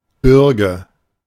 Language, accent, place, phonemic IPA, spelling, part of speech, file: German, Germany, Berlin, /ˈbʏʁɡə/, Bürge, noun, De-Bürge.ogg
- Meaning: surety (person)